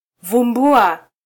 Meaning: 1. to uncover something hidden 2. to find, discover
- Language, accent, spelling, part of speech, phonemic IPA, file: Swahili, Kenya, vumbua, verb, /vuˈᵐbu.ɑ/, Sw-ke-vumbua.flac